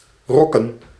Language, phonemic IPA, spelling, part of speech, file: Dutch, /ˈrɔkə(n)/, rokken, noun / verb, Nl-rokken.ogg
- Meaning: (noun) distaff, rock; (verb) alternative form of rokkenen; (noun) plural of rok